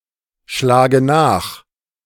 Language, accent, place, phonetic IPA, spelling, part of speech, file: German, Germany, Berlin, [ˌʃlaːɡə ˈnaːx], schlage nach, verb, De-schlage nach.ogg
- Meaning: inflection of nachschlagen: 1. first-person singular present 2. first/third-person singular subjunctive I 3. singular imperative